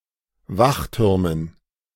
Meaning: dative plural of Wachturm
- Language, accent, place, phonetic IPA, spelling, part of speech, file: German, Germany, Berlin, [ˈvaxˌtʏʁmən], Wachtürmen, noun, De-Wachtürmen.ogg